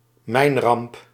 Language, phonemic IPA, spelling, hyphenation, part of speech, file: Dutch, /ˈmɛi̯n.rɑmp/, mijnramp, mijn‧ramp, noun, Nl-mijnramp.ogg
- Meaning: mine disaster, mining disaster